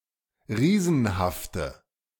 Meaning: inflection of riesenhaft: 1. strong/mixed nominative/accusative feminine singular 2. strong nominative/accusative plural 3. weak nominative all-gender singular
- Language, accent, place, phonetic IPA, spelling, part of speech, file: German, Germany, Berlin, [ˈʁiːzn̩haftə], riesenhafte, adjective, De-riesenhafte.ogg